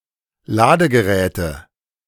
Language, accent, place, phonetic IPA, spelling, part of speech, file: German, Germany, Berlin, [ˈlaːdəɡəˌʁɛːtə], Ladegeräte, noun, De-Ladegeräte.ogg
- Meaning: nominative/accusative/genitive plural of Ladegerät